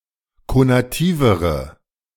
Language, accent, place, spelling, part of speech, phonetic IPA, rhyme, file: German, Germany, Berlin, konativere, adjective, [konaˈtiːvəʁə], -iːvəʁə, De-konativere.ogg
- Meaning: inflection of konativ: 1. strong/mixed nominative/accusative feminine singular comparative degree 2. strong nominative/accusative plural comparative degree